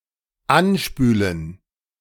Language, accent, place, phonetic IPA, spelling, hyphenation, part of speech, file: German, Germany, Berlin, [ˈʔanˌʃpyːlən], anspülen, an‧spü‧len, verb, De-anspülen.ogg
- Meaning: to wash up, be cast up (on a shore etc)